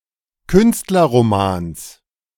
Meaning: genitive singular of Künstlerroman
- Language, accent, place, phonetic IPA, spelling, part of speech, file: German, Germany, Berlin, [ˈkʏnstlɐʁomaːns], Künstlerromans, noun, De-Künstlerromans.ogg